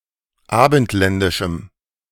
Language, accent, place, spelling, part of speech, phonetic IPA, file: German, Germany, Berlin, abendländischem, adjective, [ˈaːbn̩tˌlɛndɪʃm̩], De-abendländischem.ogg
- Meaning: strong dative masculine/neuter singular of abendländisch